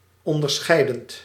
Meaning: present participle of onderscheiden
- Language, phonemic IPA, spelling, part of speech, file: Dutch, /ˌɔndərˈsxɛi̯dənt/, onderscheidend, verb, Nl-onderscheidend.ogg